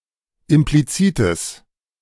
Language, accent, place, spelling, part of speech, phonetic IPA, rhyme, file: German, Germany, Berlin, implizites, adjective, [ɪmpliˈt͡siːtəs], -iːtəs, De-implizites.ogg
- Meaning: strong/mixed nominative/accusative neuter singular of implizit